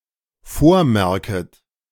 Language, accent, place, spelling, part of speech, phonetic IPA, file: German, Germany, Berlin, vormerket, verb, [ˈfoːɐ̯ˌmɛʁkət], De-vormerket.ogg
- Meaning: second-person plural dependent subjunctive I of vormerken